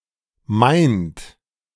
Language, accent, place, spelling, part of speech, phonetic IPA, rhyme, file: German, Germany, Berlin, meint, verb, [maɪ̯nt], -aɪ̯nt, De-meint.ogg
- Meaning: inflection of meinen: 1. third-person singular present 2. second-person plural present 3. plural imperative